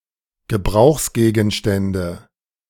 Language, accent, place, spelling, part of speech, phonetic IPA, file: German, Germany, Berlin, Gebrauchsgegenstände, noun, [ɡəˈbʁaʊ̯xsɡeːɡn̩ˌʃtɛndə], De-Gebrauchsgegenstände.ogg
- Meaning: nominative/accusative/genitive plural of Gebrauchsgegenstand